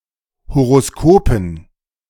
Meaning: dative plural of Horoskop
- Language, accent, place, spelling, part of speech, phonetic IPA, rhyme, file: German, Germany, Berlin, Horoskopen, noun, [hoʁoˈskoːpn̩], -oːpn̩, De-Horoskopen.ogg